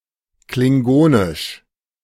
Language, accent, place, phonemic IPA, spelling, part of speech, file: German, Germany, Berlin, /klɪŋˈɡoːnɪʃ/, Klingonisch, proper noun, De-Klingonisch.ogg
- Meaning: Klingon (the language)